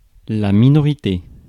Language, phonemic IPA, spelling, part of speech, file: French, /mi.nɔ.ʁi.te/, minorité, noun, Fr-minorité.ogg
- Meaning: 1. minority (the state of being a minor; youth; period of life preceding adulthood) 2. minority (any subgroup that does not form a numerical majority)